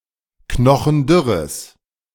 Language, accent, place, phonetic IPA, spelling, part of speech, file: German, Germany, Berlin, [ˈknɔxn̩ˈdʏʁəs], knochendürres, adjective, De-knochendürres.ogg
- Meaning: strong/mixed nominative/accusative neuter singular of knochendürr